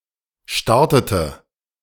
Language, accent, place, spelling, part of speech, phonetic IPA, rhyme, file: German, Germany, Berlin, startete, verb, [ˈʃtaʁtətə], -aʁtətə, De-startete.ogg
- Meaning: inflection of starten: 1. first/third-person singular preterite 2. first/third-person singular subjunctive II